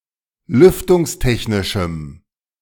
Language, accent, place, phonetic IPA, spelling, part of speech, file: German, Germany, Berlin, [ˈlʏftʊŋsˌtɛçnɪʃm̩], lüftungstechnischem, adjective, De-lüftungstechnischem.ogg
- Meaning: strong dative masculine/neuter singular of lüftungstechnisch